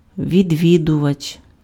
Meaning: visitor
- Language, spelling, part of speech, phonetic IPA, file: Ukrainian, відвідувач, noun, [ʋʲidʲˈʋʲidʊʋɐt͡ʃ], Uk-відвідувач.ogg